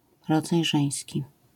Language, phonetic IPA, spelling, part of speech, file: Polish, [ˈrɔd͡zaj ˈʒɛ̃j̃sʲci], rodzaj żeński, noun, LL-Q809 (pol)-rodzaj żeński.wav